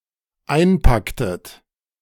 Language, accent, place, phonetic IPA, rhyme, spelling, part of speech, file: German, Germany, Berlin, [ˈaɪ̯nˌpaktət], -aɪ̯npaktət, einpacktet, verb, De-einpacktet.ogg
- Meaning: inflection of einpacken: 1. second-person plural dependent preterite 2. second-person plural dependent subjunctive II